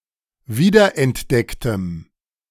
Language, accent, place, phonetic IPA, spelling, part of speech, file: German, Germany, Berlin, [ˈviːdɐʔɛntˌdɛktəm], wiederentdecktem, adjective, De-wiederentdecktem.ogg
- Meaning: strong dative masculine/neuter singular of wiederentdeckt